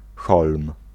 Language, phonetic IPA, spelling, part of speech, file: Polish, [xɔlm], holm, noun, Pl-holm.ogg